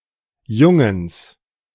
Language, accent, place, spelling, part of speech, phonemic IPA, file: German, Germany, Berlin, Jungens, noun, /ˈjʊŋəns/, De-Jungens.ogg
- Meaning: plural of Junge